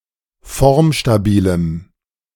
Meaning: strong dative masculine/neuter singular of formstabil
- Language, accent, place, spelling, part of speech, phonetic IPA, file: German, Germany, Berlin, formstabilem, adjective, [ˈfɔʁmʃtaˌbiːləm], De-formstabilem.ogg